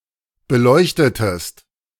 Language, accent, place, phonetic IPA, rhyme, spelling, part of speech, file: German, Germany, Berlin, [bəˈlɔɪ̯çtətəst], -ɔɪ̯çtətəst, beleuchtetest, verb, De-beleuchtetest.ogg
- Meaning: inflection of beleuchten: 1. second-person singular preterite 2. second-person singular subjunctive II